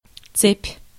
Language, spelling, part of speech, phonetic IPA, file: Russian, цепь, noun, [t͡sɛpʲ], Ru-цепь.ogg
- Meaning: 1. chain 2. row, series 3. electric circuit 4. line, file